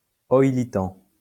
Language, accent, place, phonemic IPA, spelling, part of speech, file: French, France, Lyon, /ɔj.li.tɑ̃/, oïlitan, noun / adjective, LL-Q150 (fra)-oïlitan.wav
- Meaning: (noun) langue d'oïl